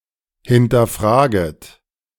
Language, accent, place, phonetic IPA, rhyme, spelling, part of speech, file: German, Germany, Berlin, [hɪntɐˈfʁaːɡət], -aːɡət, hinterfraget, verb, De-hinterfraget.ogg
- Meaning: second-person plural subjunctive I of hinterfragen